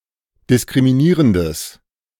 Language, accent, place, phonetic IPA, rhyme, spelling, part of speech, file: German, Germany, Berlin, [dɪskʁimiˈniːʁəndəs], -iːʁəndəs, diskriminierendes, adjective, De-diskriminierendes.ogg
- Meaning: strong/mixed nominative/accusative neuter singular of diskriminierend